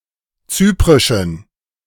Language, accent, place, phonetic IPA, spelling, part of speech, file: German, Germany, Berlin, [ˈt͡syːpʁɪʃn̩], zyprischen, adjective, De-zyprischen.ogg
- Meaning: inflection of zyprisch: 1. strong genitive masculine/neuter singular 2. weak/mixed genitive/dative all-gender singular 3. strong/weak/mixed accusative masculine singular 4. strong dative plural